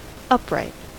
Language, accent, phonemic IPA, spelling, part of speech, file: English, US, /ˈʌpɹaɪt/, upright, adjective / adverb / noun / verb, En-us-upright.ogg
- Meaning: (adjective) 1. Vertical; erect 2. In its proper orientation; not overturned 3. Greater in height than breadth 4. Of good morals; reliable and trustworthy; practicing ethical values